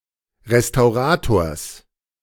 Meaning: genitive singular of Restaurator
- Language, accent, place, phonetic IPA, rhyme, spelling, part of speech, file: German, Germany, Berlin, [ʁestaʊ̯ˈʁaːtoːɐ̯s], -aːtoːɐ̯s, Restaurators, noun, De-Restaurators.ogg